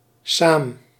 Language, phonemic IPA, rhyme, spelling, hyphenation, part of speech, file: Dutch, /saːm/, -aːm, saam, saam, adverb, Nl-saam.ogg
- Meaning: together